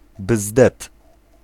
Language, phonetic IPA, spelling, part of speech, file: Polish, [bzdɛt], bzdet, noun, Pl-bzdet.ogg